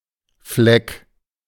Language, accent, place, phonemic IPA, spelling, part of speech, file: German, Germany, Berlin, /flɛk/, Fleck, noun / proper noun, De-Fleck.ogg
- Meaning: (noun) 1. stain, spot, blot, fleck, smear 2. corner, spot (part or region) 3. shred, flap, flake, fleck 4. tripe; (proper noun) a surname